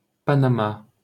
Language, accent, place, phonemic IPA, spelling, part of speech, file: French, France, Paris, /pa.na.ma/, Panamá, proper noun, LL-Q150 (fra)-Panamá.wav
- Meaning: Panama (a country in Central America)